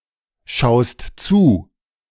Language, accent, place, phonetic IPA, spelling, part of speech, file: German, Germany, Berlin, [ˌʃaʊ̯st ˈt͡suː], schaust zu, verb, De-schaust zu.ogg
- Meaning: second-person singular present of zuschauen